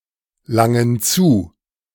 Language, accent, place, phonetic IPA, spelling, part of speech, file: German, Germany, Berlin, [ˌlaŋən ˈt͡suː], langen zu, verb, De-langen zu.ogg
- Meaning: inflection of zulangen: 1. first/third-person plural present 2. first/third-person plural subjunctive I